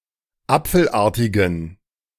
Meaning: inflection of apfelartig: 1. strong genitive masculine/neuter singular 2. weak/mixed genitive/dative all-gender singular 3. strong/weak/mixed accusative masculine singular 4. strong dative plural
- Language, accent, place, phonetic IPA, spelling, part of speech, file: German, Germany, Berlin, [ˈap͡fl̩ˌʔaːɐ̯tɪɡn̩], apfelartigen, adjective, De-apfelartigen.ogg